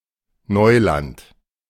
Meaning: 1. newly converted farmland 2. uncharted waters, untrodden ground
- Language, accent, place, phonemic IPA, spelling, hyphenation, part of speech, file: German, Germany, Berlin, /ˈnɔɪ̯lant/, Neuland, Neu‧land, noun, De-Neuland.ogg